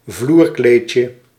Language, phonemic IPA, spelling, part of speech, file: Dutch, /ˈvlurklecə/, vloerkleedje, noun, Nl-vloerkleedje.ogg
- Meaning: diminutive of vloerkleed